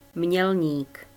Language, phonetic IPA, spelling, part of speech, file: Czech, [ˈmɲɛlɲiːk], Mělník, proper noun, Cs Mělník.ogg
- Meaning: a town in the Czech Republic, lying at the confluence of the Elbe and Vltava rivers, approximately 35 km north of Prague